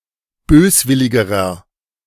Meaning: inflection of böswillig: 1. strong/mixed nominative masculine singular comparative degree 2. strong genitive/dative feminine singular comparative degree 3. strong genitive plural comparative degree
- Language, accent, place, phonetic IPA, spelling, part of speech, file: German, Germany, Berlin, [ˈbøːsˌvɪlɪɡəʁɐ], böswilligerer, adjective, De-böswilligerer.ogg